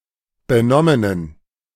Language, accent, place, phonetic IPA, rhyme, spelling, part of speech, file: German, Germany, Berlin, [bəˈnɔmənən], -ɔmənən, benommenen, adjective, De-benommenen.ogg
- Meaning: inflection of benommen: 1. strong genitive masculine/neuter singular 2. weak/mixed genitive/dative all-gender singular 3. strong/weak/mixed accusative masculine singular 4. strong dative plural